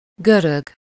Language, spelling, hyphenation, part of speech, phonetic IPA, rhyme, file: Hungarian, görög, gö‧rög, adjective / noun / verb, [ˈɡørøɡ], -øɡ, Hu-görög.ogg
- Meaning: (adjective) Greek, Grecian (of, from, or relating to Greece, its people or language); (noun) 1. Greek (person) 2. Greek (language); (verb) to roll (to turn over and over)